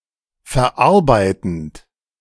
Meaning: present participle of verarbeiten
- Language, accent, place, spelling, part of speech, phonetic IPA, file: German, Germany, Berlin, verarbeitend, verb, [fɛɐ̯ˈʔaʁbaɪ̯tənt], De-verarbeitend.ogg